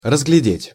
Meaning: 1. to make out, to discern, to descry 2. to detect, to discern
- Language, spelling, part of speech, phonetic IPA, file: Russian, разглядеть, verb, [rəzɡlʲɪˈdʲetʲ], Ru-разглядеть.ogg